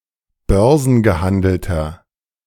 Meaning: inflection of börsengehandelt: 1. strong/mixed nominative masculine singular 2. strong genitive/dative feminine singular 3. strong genitive plural
- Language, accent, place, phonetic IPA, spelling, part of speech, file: German, Germany, Berlin, [ˈbœʁzn̩ɡəˌhandl̩tɐ], börsengehandelter, adjective, De-börsengehandelter.ogg